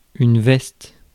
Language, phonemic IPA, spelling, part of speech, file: French, /vɛst/, veste, noun, Fr-veste.ogg
- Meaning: jacket (garment)